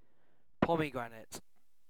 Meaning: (noun) The fruit of the Punica granatum, about the size of an orange with a thick, hard, reddish skin enclosing many seeds, each with an edible pink or red pulp tasting both sweet and tart
- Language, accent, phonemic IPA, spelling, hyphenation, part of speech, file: English, Received Pronunciation, /ˈpɒmɪ(ˌ)ɡɹænɪt/, pomegranate, po‧me‧gra‧nate, noun / adjective, En-uk-pomegranate.ogg